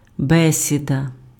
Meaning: 1. talk, conversation 2. discussion
- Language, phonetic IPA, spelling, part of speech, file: Ukrainian, [ˈbɛsʲidɐ], бесіда, noun, Uk-бесіда.ogg